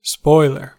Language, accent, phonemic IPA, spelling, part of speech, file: English, US, /ˈspɔɪ.lɚ/, spoiler, noun / verb, En-us-spoiler.ogg
- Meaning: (noun) 1. One who spoils; a plunderer; a pillager; a robber; a despoiler 2. One who corrupts, mars, or renders useless